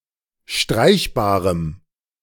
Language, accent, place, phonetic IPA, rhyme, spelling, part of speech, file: German, Germany, Berlin, [ˈʃtʁaɪ̯çbaːʁəm], -aɪ̯çbaːʁəm, streichbarem, adjective, De-streichbarem.ogg
- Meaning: strong dative masculine/neuter singular of streichbar